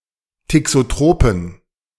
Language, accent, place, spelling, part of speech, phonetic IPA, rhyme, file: German, Germany, Berlin, thixotropen, adjective, [tɪksoˈtʁoːpn̩], -oːpn̩, De-thixotropen.ogg
- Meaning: inflection of thixotrop: 1. strong genitive masculine/neuter singular 2. weak/mixed genitive/dative all-gender singular 3. strong/weak/mixed accusative masculine singular 4. strong dative plural